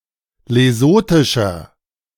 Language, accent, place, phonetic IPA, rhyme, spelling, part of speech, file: German, Germany, Berlin, [leˈzoːtɪʃɐ], -oːtɪʃɐ, lesothischer, adjective, De-lesothischer.ogg
- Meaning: inflection of lesothisch: 1. strong/mixed nominative masculine singular 2. strong genitive/dative feminine singular 3. strong genitive plural